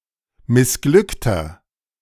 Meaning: 1. comparative degree of missglückt 2. inflection of missglückt: strong/mixed nominative masculine singular 3. inflection of missglückt: strong genitive/dative feminine singular
- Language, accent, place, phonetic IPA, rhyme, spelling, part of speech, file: German, Germany, Berlin, [mɪsˈɡlʏktɐ], -ʏktɐ, missglückter, adjective, De-missglückter.ogg